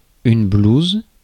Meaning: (noun) 1. uniform or coat with buttons down the front 2. any one of the holes on a billiards table; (verb) inflection of blouser: first/third-person singular present indicative/subjunctive
- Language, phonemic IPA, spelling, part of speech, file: French, /bluz/, blouse, noun / verb, Fr-blouse.ogg